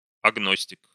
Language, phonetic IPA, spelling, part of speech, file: Russian, [ɐɡˈnosʲtʲɪk], агностик, noun, Ru-агностик.ogg
- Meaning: agnostic